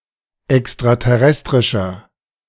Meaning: inflection of extraterrestrisch: 1. strong/mixed nominative masculine singular 2. strong genitive/dative feminine singular 3. strong genitive plural
- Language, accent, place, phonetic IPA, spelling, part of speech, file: German, Germany, Berlin, [ɛkstʁatɛˈʁɛstʁɪʃɐ], extraterrestrischer, adjective, De-extraterrestrischer.ogg